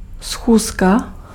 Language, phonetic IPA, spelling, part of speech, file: Czech, [ˈsxuːska], schůzka, noun, Cs-schůzka.ogg
- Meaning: appointment (arrangement for a meeting; an engagement)